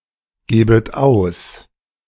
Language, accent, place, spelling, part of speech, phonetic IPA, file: German, Germany, Berlin, gebet aus, verb, [ˌɡeːbət ˈaʊ̯s], De-gebet aus.ogg
- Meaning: second-person plural subjunctive I of ausgeben